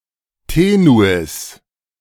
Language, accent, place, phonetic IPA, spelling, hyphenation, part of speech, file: German, Germany, Berlin, [ˈteːnuɪs], Tenuis, Te‧nu‧is, noun, De-Tenuis.ogg
- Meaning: tenuis